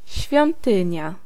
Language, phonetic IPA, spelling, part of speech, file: Polish, [ɕfʲjɔ̃nˈtɨ̃ɲa], świątynia, noun, Pl-świątynia.ogg